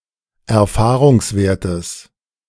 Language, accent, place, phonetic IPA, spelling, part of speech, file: German, Germany, Berlin, [ɛɐ̯ˈfaːʁʊŋsˌveːɐ̯təs], Erfahrungswertes, noun, De-Erfahrungswertes.ogg
- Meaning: genitive singular of Erfahrungswert